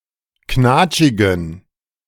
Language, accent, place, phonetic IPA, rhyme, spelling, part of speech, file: German, Germany, Berlin, [ˈknaːt͡ʃɪɡn̩], -aːt͡ʃɪɡn̩, knatschigen, adjective, De-knatschigen.ogg
- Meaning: inflection of knatschig: 1. strong genitive masculine/neuter singular 2. weak/mixed genitive/dative all-gender singular 3. strong/weak/mixed accusative masculine singular 4. strong dative plural